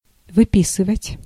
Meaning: 1. to sign out 2. to subscribe (e.g. to a magazine) 3. to write, to write out, to write down 4. to copy 5. to discharge (from hospital) 6. to take out 7. to draw out, to draw 8. to draw up
- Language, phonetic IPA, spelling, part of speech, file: Russian, [vɨˈpʲisɨvətʲ], выписывать, verb, Ru-выписывать.ogg